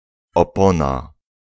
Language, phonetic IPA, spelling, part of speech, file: Polish, [ɔˈpɔ̃na], opona, noun, Pl-opona.ogg